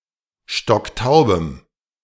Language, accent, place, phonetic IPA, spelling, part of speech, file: German, Germany, Berlin, [ˈʃtɔkˈtaʊ̯bəm], stocktaubem, adjective, De-stocktaubem.ogg
- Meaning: strong dative masculine/neuter singular of stocktaub